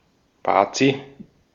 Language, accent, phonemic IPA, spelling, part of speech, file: German, Austria, /ˈbaːtsi/, Bazi, noun, De-at-Bazi.ogg
- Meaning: 1. a clever or mischievous boy 2. a Bavarian